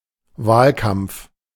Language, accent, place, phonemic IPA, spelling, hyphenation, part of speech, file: German, Germany, Berlin, /ˈvaːlˌkamp͡f/, Wahlkampf, Wahl‧kampf, noun, De-Wahlkampf.ogg
- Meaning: election campaign, run for office